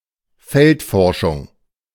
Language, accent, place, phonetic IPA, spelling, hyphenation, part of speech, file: German, Germany, Berlin, [ˈfɛltˌfɔʁʃʊŋ], Feldforschung, Feld‧for‧schung, noun, De-Feldforschung.ogg
- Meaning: field research, field work